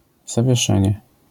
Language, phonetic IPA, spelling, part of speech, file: Polish, [ˌzavʲjɛˈʃɛ̃ɲɛ], zawieszenie, noun, LL-Q809 (pol)-zawieszenie.wav